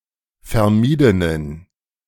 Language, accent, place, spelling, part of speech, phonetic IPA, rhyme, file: German, Germany, Berlin, vermiedenen, adjective, [fɛɐ̯ˈmiːdənən], -iːdənən, De-vermiedenen.ogg
- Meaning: inflection of vermieden: 1. strong genitive masculine/neuter singular 2. weak/mixed genitive/dative all-gender singular 3. strong/weak/mixed accusative masculine singular 4. strong dative plural